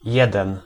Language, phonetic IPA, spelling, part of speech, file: Polish, [ˈjɛdɛ̃n], jeden, adjective / noun / pronoun, Pl-jeden.ogg